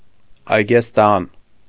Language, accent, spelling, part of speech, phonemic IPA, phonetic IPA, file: Armenian, Eastern Armenian, այգեստան, noun, /ɑjɡesˈtɑn/, [ɑjɡestɑ́n], Hy-այգեստան.ogg
- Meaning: 1. a place rich in gardens 2. vineyard